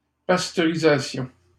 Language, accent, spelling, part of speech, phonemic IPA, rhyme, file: French, Canada, pasteurisation, noun, /pas.tœ.ʁi.za.sjɔ̃/, -ɔ̃, LL-Q150 (fra)-pasteurisation.wav
- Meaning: pasteurisation